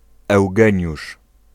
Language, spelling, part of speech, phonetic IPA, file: Polish, Eugeniusz, proper noun, [ɛwˈɡɛ̃ɲuʃ], Pl-Eugeniusz.ogg